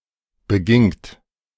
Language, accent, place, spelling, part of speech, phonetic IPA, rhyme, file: German, Germany, Berlin, begingt, verb, [bəˈɡɪŋt], -ɪŋt, De-begingt.ogg
- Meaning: second-person plural preterite of begehen